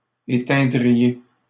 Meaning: second-person plural conditional of éteindre
- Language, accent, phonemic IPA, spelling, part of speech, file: French, Canada, /e.tɛ̃.dʁi.je/, éteindriez, verb, LL-Q150 (fra)-éteindriez.wav